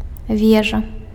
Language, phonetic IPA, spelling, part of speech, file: Belarusian, [ˈvʲeʐa], вежа, noun, Be-вежа.ogg
- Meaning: tower